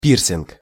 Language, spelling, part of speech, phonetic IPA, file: Russian, пирсинг, noun, [ˈpʲirsʲɪnk], Ru-пирсинг.ogg
- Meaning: piercing